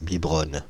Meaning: inflection of biberonner: 1. first/third-person singular present indicative/subjunctive 2. second-person singular imperative
- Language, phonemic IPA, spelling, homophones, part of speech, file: French, /bi.bʁɔn/, biberonne, biberonnent / biberonnes, verb, Fr-biberonne.ogg